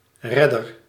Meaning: savior, rescuer
- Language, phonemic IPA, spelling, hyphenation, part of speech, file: Dutch, /ˈrɛdər/, redder, red‧der, noun / verb, Nl-redder.ogg